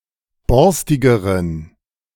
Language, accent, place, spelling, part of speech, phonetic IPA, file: German, Germany, Berlin, borstigeren, adjective, [ˈbɔʁstɪɡəʁən], De-borstigeren.ogg
- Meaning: inflection of borstig: 1. strong genitive masculine/neuter singular comparative degree 2. weak/mixed genitive/dative all-gender singular comparative degree